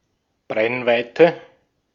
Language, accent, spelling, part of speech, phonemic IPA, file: German, Austria, Brennweite, noun, /ˈbʁɛnˌvaɪtə/, De-at-Brennweite.ogg
- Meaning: focal length (distance)